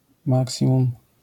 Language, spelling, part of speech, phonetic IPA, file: Polish, maksimum, noun / adverb, [ˈmaksʲĩmũm], LL-Q809 (pol)-maksimum.wav